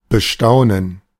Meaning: to marvel at
- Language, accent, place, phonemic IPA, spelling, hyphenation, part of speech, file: German, Germany, Berlin, /bəˈʃtaʊ̯nən/, bestaunen, be‧stau‧nen, verb, De-bestaunen.ogg